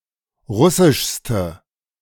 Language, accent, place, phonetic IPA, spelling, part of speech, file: German, Germany, Berlin, [ˈʁʊsɪʃstə], russischste, adjective, De-russischste.ogg
- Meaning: inflection of russisch: 1. strong/mixed nominative/accusative feminine singular superlative degree 2. strong nominative/accusative plural superlative degree